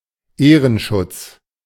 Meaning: 1. protection of honor 2. patronage, auspices
- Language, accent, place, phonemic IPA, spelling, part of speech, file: German, Germany, Berlin, /ˈeːrənʃʊts/, Ehrenschutz, noun, De-Ehrenschutz.ogg